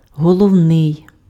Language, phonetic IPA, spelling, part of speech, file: Ukrainian, [ɦɔɫɔu̯ˈnɪi̯], головний, adjective, Uk-головний.ogg
- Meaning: 1. head (attributive) (of or relating to heads) 2. main, chief, principal, important